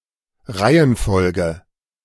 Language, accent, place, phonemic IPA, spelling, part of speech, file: German, Germany, Berlin, /ˈʁaɪ̯ənˌfɔlɡə/, Reihenfolge, noun, De-Reihenfolge.ogg
- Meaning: order, sequence